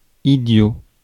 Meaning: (adjective) idiotic; stupid; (noun) idiot
- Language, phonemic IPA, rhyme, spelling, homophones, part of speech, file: French, /i.djo/, -jo, idiot, idiots, adjective / noun, Fr-idiot.ogg